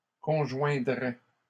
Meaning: first/second-person singular conditional of conjoindre
- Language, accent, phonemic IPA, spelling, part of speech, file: French, Canada, /kɔ̃.ʒwɛ̃.dʁɛ/, conjoindrais, verb, LL-Q150 (fra)-conjoindrais.wav